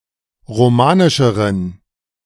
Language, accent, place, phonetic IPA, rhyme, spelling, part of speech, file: German, Germany, Berlin, [ʁoˈmaːnɪʃəʁən], -aːnɪʃəʁən, romanischeren, adjective, De-romanischeren.ogg
- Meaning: inflection of romanisch: 1. strong genitive masculine/neuter singular comparative degree 2. weak/mixed genitive/dative all-gender singular comparative degree